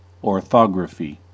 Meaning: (noun) A method of representing a language or the sounds of language by written symbols; spelling
- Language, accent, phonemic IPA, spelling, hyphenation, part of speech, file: English, General American, /ɔɹˈθɑɡɹəfi/, orthography, or‧tho‧gra‧phy, noun / verb, En-us-orthography.ogg